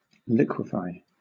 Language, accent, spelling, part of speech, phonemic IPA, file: English, Southern England, liquefy, verb, /ˈlɪ.kwɪ.faɪ/, LL-Q1860 (eng)-liquefy.wav
- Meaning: 1. To make (something) into a liquid 2. To distort and warp (an image) 3. To become liquid